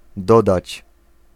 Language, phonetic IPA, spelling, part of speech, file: Polish, [ˈdɔdat͡ɕ], dodać, verb / conjunction, Pl-dodać.ogg